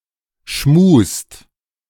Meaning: inflection of schmusen: 1. second/third-person singular present 2. second-person plural present 3. plural imperative
- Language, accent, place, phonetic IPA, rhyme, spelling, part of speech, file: German, Germany, Berlin, [ʃmuːst], -uːst, schmust, verb, De-schmust.ogg